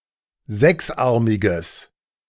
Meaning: strong/mixed nominative/accusative neuter singular of sechsarmig
- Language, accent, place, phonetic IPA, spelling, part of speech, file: German, Germany, Berlin, [ˈzɛksˌʔaʁmɪɡəs], sechsarmiges, adjective, De-sechsarmiges.ogg